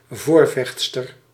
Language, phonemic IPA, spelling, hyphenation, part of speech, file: Dutch, /ˈvorvɛx(t)stər/, voorvechtster, voor‧vecht‧ster, noun, Nl-voorvechtster.ogg
- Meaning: champion (defender of a cause)